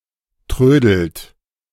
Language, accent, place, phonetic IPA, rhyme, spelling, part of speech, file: German, Germany, Berlin, [ˈtʁøːdl̩t], -øːdl̩t, trödelt, verb, De-trödelt.ogg
- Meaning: inflection of trödeln: 1. second-person plural present 2. third-person singular present 3. plural imperative